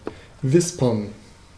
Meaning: to whisper; to make a whispering sound (most often in a mysterious or eerie way)
- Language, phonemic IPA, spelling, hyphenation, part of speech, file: German, /ˈvɪspərn/, wispern, wis‧pern, verb, De-wispern.ogg